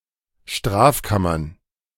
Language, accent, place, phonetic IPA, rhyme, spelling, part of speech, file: German, Germany, Berlin, [ˈʃtʁaːfˌkamɐn], -aːfkamɐn, Strafkammern, noun, De-Strafkammern.ogg
- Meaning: plural of Strafkammer